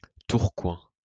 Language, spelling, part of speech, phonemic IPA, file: French, Tourcoing, proper noun, /tuʁ.kwɛ̃/, LL-Q150 (fra)-Tourcoing.wav
- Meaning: Tourcoing (a city and commune of Nord department, Hauts-de-France, France)